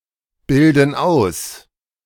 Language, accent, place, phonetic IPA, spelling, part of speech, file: German, Germany, Berlin, [ˌbɪldn̩ ˈaʊ̯s], bilden aus, verb, De-bilden aus.ogg
- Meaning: inflection of ausbilden: 1. first/third-person plural present 2. first/third-person plural subjunctive I